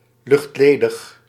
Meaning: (adjective) vacuum, vacuous (containing or pertaining to a vacuum); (noun) 1. empty space 2. nothingness (quality of inconsequentiality; the lack of significance)
- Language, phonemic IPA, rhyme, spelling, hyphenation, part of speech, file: Dutch, /ˌlʏxtˈleː.dəx/, -eːdəx, luchtledig, lucht‧le‧dig, adjective / noun, Nl-luchtledig.ogg